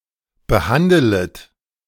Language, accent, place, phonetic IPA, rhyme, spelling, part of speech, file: German, Germany, Berlin, [bəˈhandələt], -andələt, behandelet, verb, De-behandelet.ogg
- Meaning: second-person plural subjunctive I of behandeln